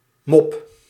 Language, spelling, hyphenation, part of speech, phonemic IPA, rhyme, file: Dutch, mop, mop, noun / verb, /mɔp/, -ɔp, Nl-mop.ogg
- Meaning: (noun) 1. a joke, jest 2. a tune, melody 3. a type of cookie 4. a woman or girl 5. a brick 6. a mop (an implement for washing floors, etc.)